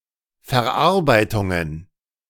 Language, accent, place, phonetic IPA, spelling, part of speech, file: German, Germany, Berlin, [fɛɐ̯ˈʔaʁbaɪ̯tʊŋən], Verarbeitungen, noun, De-Verarbeitungen.ogg
- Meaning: plural of Verarbeitung